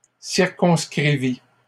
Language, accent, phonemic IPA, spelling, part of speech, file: French, Canada, /siʁ.kɔ̃s.kʁi.vi/, circonscrivit, verb, LL-Q150 (fra)-circonscrivit.wav
- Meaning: third-person singular past historic of circonscrire